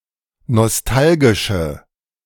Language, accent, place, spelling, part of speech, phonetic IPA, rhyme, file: German, Germany, Berlin, nostalgische, adjective, [nɔsˈtalɡɪʃə], -alɡɪʃə, De-nostalgische.ogg
- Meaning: inflection of nostalgisch: 1. strong/mixed nominative/accusative feminine singular 2. strong nominative/accusative plural 3. weak nominative all-gender singular